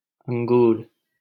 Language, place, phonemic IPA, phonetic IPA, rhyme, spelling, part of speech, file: Hindi, Delhi, /əŋ.ɡuːɾ/, [ɐ̃ŋ.ɡuːɾ], -uːɾ, अंगूर, noun, LL-Q1568 (hin)-अंगूर.wav
- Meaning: grape